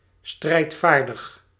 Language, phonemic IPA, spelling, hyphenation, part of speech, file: Dutch, /ˌstrɛi̯tˈfaːr.dəx/, strijdvaardig, strijd‧vaar‧dig, adjective, Nl-strijdvaardig.ogg
- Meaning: 1. aggressive, belligerent, combative 2. assertive, unsubmissive 3. able